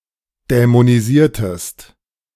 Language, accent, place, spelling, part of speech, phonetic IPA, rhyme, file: German, Germany, Berlin, dämonisiertest, verb, [dɛmoniˈziːɐ̯təst], -iːɐ̯təst, De-dämonisiertest.ogg
- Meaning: inflection of dämonisieren: 1. second-person singular preterite 2. second-person singular subjunctive II